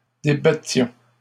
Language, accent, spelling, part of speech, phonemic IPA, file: French, Canada, débattions, verb, /de.ba.tjɔ̃/, LL-Q150 (fra)-débattions.wav
- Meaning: inflection of débattre: 1. first-person plural imperfect indicative 2. first-person plural present subjunctive